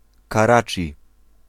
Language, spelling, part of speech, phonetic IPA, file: Polish, Karaczi, proper noun, [kaˈrat͡ʃʲi], Pl-Karaczi.ogg